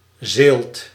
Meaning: tench (Tinca tinca)
- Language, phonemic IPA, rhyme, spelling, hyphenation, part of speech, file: Dutch, /zeːlt/, -eːlt, zeelt, zeelt, noun, Nl-zeelt.ogg